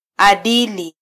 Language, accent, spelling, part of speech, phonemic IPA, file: Swahili, Kenya, adili, adjective / noun, /ɑɗili/, Sw-ke-adili.flac
- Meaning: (adjective) just, fair, impartial, righteous; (noun) ethics, morals, good conduct